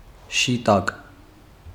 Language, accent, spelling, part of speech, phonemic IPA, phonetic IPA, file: Armenian, Eastern Armenian, շիտակ, adjective / adverb, /ʃiˈtɑk/, [ʃitɑ́k], Hy-շիտակ.ogg
- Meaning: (adjective) 1. straight, upright, direct 2. straightforward, honest, frank 3. right-side-out; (adverb) 1. in a straight, upright, direct manner 2. straightforwardly, honestly, frankly